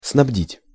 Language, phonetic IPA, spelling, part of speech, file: Russian, [snɐbˈdʲitʲ], снабдить, verb, Ru-снабдить.ogg
- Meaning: to provide, to supply